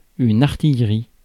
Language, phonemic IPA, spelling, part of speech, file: French, /aʁ.tij.ʁi/, artillerie, noun, Fr-artillerie.ogg
- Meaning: artillery